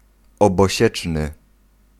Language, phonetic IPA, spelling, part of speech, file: Polish, [ˌɔbɔˈɕɛt͡ʃnɨ], obosieczny, adjective, Pl-obosieczny.ogg